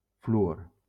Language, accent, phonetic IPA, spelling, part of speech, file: Catalan, Valencia, [fluˈor], fluor, noun, LL-Q7026 (cat)-fluor.wav
- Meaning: fluorine